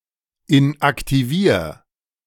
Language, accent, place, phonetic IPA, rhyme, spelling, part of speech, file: German, Germany, Berlin, [ɪnʔaktiˈviːɐ̯], -iːɐ̯, inaktivier, verb, De-inaktivier.ogg
- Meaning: 1. singular imperative of inaktivieren 2. first-person singular present of inaktivieren